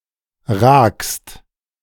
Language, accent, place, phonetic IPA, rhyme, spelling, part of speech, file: German, Germany, Berlin, [ʁaːkst], -aːkst, ragst, verb, De-ragst.ogg
- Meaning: second-person singular present of ragen